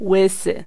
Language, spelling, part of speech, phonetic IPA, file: Polish, łysy, adjective / noun, [ˈwɨsɨ], Pl-łysy.ogg